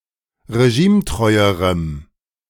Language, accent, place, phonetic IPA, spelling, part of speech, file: German, Germany, Berlin, [ʁeˈʒiːmˌtʁɔɪ̯əʁəm], regimetreuerem, adjective, De-regimetreuerem.ogg
- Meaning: strong dative masculine/neuter singular comparative degree of regimetreu